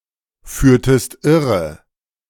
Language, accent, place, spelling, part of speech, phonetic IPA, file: German, Germany, Berlin, führtest irre, verb, [ˌfyːɐ̯təst ˈɪʁə], De-führtest irre.ogg
- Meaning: inflection of irreführen: 1. second-person singular preterite 2. second-person singular subjunctive II